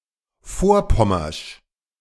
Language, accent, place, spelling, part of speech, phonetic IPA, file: German, Germany, Berlin, vorpommersch, adjective, [ˈfoːɐ̯ˌpɔmɐʃ], De-vorpommersch.ogg
- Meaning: alternative form of vorpommerisch